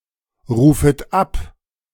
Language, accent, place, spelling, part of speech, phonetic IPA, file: German, Germany, Berlin, rufet ab, verb, [ˌʁuːfət ˈap], De-rufet ab.ogg
- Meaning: second-person plural subjunctive I of abrufen